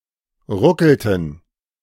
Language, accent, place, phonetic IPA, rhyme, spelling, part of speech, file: German, Germany, Berlin, [ˈʁʊkl̩tn̩], -ʊkl̩tn̩, ruckelten, verb, De-ruckelten.ogg
- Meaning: inflection of ruckeln: 1. first/third-person plural preterite 2. first/third-person plural subjunctive II